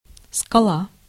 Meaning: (noun) rock, cliff, crag (mass of projecting rock); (verb) feminine singular past indicative imperfective of скать (skatʹ)
- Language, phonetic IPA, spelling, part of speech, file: Russian, [skɐˈɫa], скала, noun / verb, Ru-скала.ogg